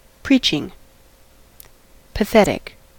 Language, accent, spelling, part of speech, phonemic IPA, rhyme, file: English, US, preaching, verb / noun, /ˈpɹiːt͡ʃɪŋ/, -iːtʃɪŋ, En-us-preaching.ogg
- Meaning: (verb) present participle and gerund of preach; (noun) The act of delivering a sermon or similar moral instruction